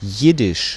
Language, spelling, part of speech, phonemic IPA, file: German, Jiddisch, proper noun, /ˈjɪdɪʃ/, De-Jiddisch.ogg
- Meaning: Yiddish (language)